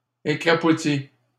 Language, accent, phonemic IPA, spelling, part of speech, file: French, Canada, /e.kʁa.pu.ti/, écrapoutis, verb, LL-Q150 (fra)-écrapoutis.wav
- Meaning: inflection of écrapoutir: 1. first/second-person singular present indicative 2. first/second-person singular past historic 3. second-person singular imperative